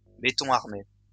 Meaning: reinforced concrete
- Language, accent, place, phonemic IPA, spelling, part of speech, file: French, France, Lyon, /be.tɔ̃ aʁ.me/, béton armé, noun, LL-Q150 (fra)-béton armé.wav